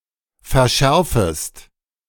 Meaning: second-person singular subjunctive I of verschärfen
- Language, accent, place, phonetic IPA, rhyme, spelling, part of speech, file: German, Germany, Berlin, [fɛɐ̯ˈʃɛʁfəst], -ɛʁfəst, verschärfest, verb, De-verschärfest.ogg